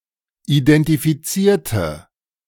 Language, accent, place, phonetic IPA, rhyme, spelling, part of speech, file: German, Germany, Berlin, [idɛntifiˈt͡siːɐ̯tə], -iːɐ̯tə, identifizierte, adjective / verb, De-identifizierte.ogg
- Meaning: inflection of identifizieren: 1. first/third-person singular preterite 2. first/third-person singular subjunctive II